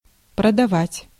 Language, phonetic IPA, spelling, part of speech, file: Russian, [prədɐˈvatʲ], продавать, verb, Ru-продавать.ogg
- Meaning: 1. to sell 2. to sell out, to betray